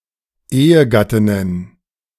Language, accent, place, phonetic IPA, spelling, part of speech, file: German, Germany, Berlin, [ˈeːəˌɡatɪnən], Ehegattinnen, noun, De-Ehegattinnen.ogg
- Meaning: plural of Ehegattin